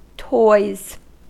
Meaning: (noun) plural of toy; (verb) third-person singular simple present indicative of toy
- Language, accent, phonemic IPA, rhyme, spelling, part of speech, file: English, US, /tɔɪz/, -ɔɪz, toys, noun / verb, En-us-toys.ogg